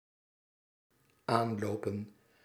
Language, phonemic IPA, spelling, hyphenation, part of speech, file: Dutch, /ˈaːnˌloːpə(n)/, aanlopen, aan‧lo‧pen, verb / noun, Nl-aanlopen.ogg
- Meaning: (verb) 1. to encounter, meet 2. to hasten, walk with speed 3. to walk toward 4. to continue, to endure 5. to frequent; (noun) plural of aanloop